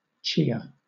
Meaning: 1. A Mexican sage grown for its edible seeds, Salvia hispanica 2. Salvia columbariae, a sage with similar seeds, native to the southwestern US and northwestern Mexico
- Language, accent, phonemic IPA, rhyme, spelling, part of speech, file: English, Southern England, /ˈt͡ʃiː.ə/, -iːə, chia, noun, LL-Q1860 (eng)-chia.wav